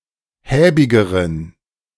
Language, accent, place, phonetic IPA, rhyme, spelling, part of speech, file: German, Germany, Berlin, [ˈhɛːbɪɡəʁən], -ɛːbɪɡəʁən, häbigeren, adjective, De-häbigeren.ogg
- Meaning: inflection of häbig: 1. strong genitive masculine/neuter singular comparative degree 2. weak/mixed genitive/dative all-gender singular comparative degree